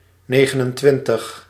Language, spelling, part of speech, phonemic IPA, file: Dutch, negenentwintig, numeral, /ˈneː.ɣə.nənˌtʋɪn.təx/, Nl-negenentwintig.ogg
- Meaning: twenty-nine